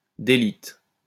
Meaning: 1. to split and crumble (of stratified rock) 2. to disintegrate
- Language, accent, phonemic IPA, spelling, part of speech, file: French, France, /de.li.te/, déliter, verb, LL-Q150 (fra)-déliter.wav